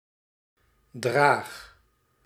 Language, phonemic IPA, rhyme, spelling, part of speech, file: Dutch, /draːx/, -aːx, draag, verb, Nl-draag.ogg
- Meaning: inflection of dragen: 1. first-person singular present indicative 2. second-person singular present indicative 3. imperative